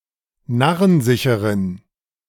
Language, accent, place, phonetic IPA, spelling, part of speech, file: German, Germany, Berlin, [ˈnaʁənˌzɪçəʁən], narrensicheren, adjective, De-narrensicheren.ogg
- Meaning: inflection of narrensicher: 1. strong genitive masculine/neuter singular 2. weak/mixed genitive/dative all-gender singular 3. strong/weak/mixed accusative masculine singular 4. strong dative plural